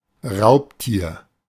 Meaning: predator
- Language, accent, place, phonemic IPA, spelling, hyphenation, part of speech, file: German, Germany, Berlin, /ˈʁaʊ̯p.tiːɐ̯/, Raubtier, Raub‧tier, noun, De-Raubtier.ogg